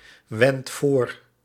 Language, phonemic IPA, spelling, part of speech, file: Dutch, /ˈwɛnt ˈvor/, wendt voor, verb, Nl-wendt voor.ogg
- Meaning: inflection of voorwenden: 1. second/third-person singular present indicative 2. plural imperative